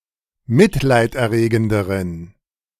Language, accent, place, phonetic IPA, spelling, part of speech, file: German, Germany, Berlin, [ˈmɪtlaɪ̯tʔɛɐ̯ˌʁeːɡn̩dəʁən], mitleiderregenderen, adjective, De-mitleiderregenderen.ogg
- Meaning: inflection of mitleiderregend: 1. strong genitive masculine/neuter singular comparative degree 2. weak/mixed genitive/dative all-gender singular comparative degree